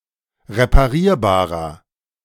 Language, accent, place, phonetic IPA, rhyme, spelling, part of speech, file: German, Germany, Berlin, [ʁepaˈʁiːɐ̯baːʁɐ], -iːɐ̯baːʁɐ, reparierbarer, adjective, De-reparierbarer.ogg
- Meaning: inflection of reparierbar: 1. strong/mixed nominative masculine singular 2. strong genitive/dative feminine singular 3. strong genitive plural